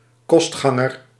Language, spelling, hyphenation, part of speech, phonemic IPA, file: Dutch, kostganger, kost‧gan‧ger, noun, /ˈkɔs(t)xɑŋər/, Nl-kostganger.ogg
- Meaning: lodger